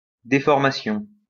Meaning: 1. deformation 2. distortion 3. déformation professionnelle 4. deformity 5. strain
- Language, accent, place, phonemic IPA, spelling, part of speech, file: French, France, Lyon, /de.fɔʁ.ma.sjɔ̃/, déformation, noun, LL-Q150 (fra)-déformation.wav